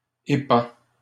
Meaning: inflection of épandre: 1. first/second-person singular present indicative 2. second-person singular imperative
- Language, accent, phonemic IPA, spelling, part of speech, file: French, Canada, /e.pɑ̃/, épands, verb, LL-Q150 (fra)-épands.wav